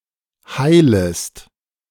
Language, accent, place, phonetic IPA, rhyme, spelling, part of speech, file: German, Germany, Berlin, [ˈhaɪ̯ləst], -aɪ̯ləst, heilest, verb, De-heilest.ogg
- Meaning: second-person singular subjunctive I of heilen